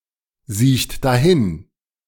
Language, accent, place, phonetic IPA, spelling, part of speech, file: German, Germany, Berlin, [ˌziːçt daˈhɪn], siecht dahin, verb, De-siecht dahin.ogg
- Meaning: third-person singular present of dahinsiechen